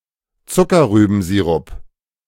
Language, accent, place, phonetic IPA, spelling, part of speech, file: German, Germany, Berlin, [ˈt͡sʊkɐʁyːbm̩ˌziːʁʊp], Zuckerrübensirup, noun, De-Zuckerrübensirup.ogg
- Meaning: sugar beet syrup